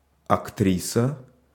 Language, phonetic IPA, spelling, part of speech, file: Russian, [ɐkˈtrʲisə], актриса, noun, Ru-актриса.ogg
- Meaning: female equivalent of актёр (aktjór): actress